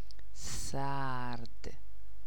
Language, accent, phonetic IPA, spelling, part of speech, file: Persian, Iran, [sǽɹd̪̥], سرد, adjective, Fa-سرد.ogg
- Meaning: 1. cold (of temperature) 2. unenthusiastic, lukewarm, discouraged 3. cold, bitter